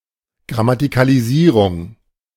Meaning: grammaticalization
- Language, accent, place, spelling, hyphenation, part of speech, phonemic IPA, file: German, Germany, Berlin, Grammatikalisierung, Gram‧ma‧ti‧ka‧li‧sie‧rung, noun, /ɡʁamatɪkaliˈziːʁʊŋ/, De-Grammatikalisierung.ogg